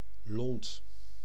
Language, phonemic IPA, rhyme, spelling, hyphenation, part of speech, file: Dutch, /lɔnt/, -ɔnt, lont, lont, noun, Nl-lont.ogg
- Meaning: 1. fuse (for explosive device) 2. wick (of candle, lamp, etc.)